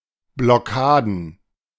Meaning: plural of Blockade
- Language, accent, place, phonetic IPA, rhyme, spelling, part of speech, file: German, Germany, Berlin, [blɔˈkaːdn̩], -aːdn̩, Blockaden, noun, De-Blockaden.ogg